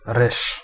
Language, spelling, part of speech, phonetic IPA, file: Polish, ryż, noun, [rɨʃ], Pl-ryż.ogg